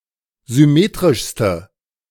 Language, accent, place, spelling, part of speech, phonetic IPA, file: German, Germany, Berlin, symmetrischste, adjective, [zʏˈmeːtʁɪʃstə], De-symmetrischste.ogg
- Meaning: inflection of symmetrisch: 1. strong/mixed nominative/accusative feminine singular superlative degree 2. strong nominative/accusative plural superlative degree